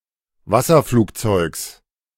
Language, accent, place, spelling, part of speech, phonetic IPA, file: German, Germany, Berlin, Wasserflugzeugs, noun, [ˈvasɐˌfluːkt͡sɔɪ̯ks], De-Wasserflugzeugs.ogg
- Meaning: genitive singular of Wasserflugzeug